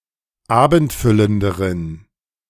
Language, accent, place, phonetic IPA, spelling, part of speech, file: German, Germany, Berlin, [ˈaːbn̩tˌfʏləndəʁən], abendfüllenderen, adjective, De-abendfüllenderen.ogg
- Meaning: inflection of abendfüllend: 1. strong genitive masculine/neuter singular comparative degree 2. weak/mixed genitive/dative all-gender singular comparative degree